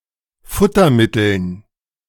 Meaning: dative plural of Futtermittel
- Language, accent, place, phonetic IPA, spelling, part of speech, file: German, Germany, Berlin, [ˈfʊtɐˌmɪtl̩n], Futtermitteln, noun, De-Futtermitteln.ogg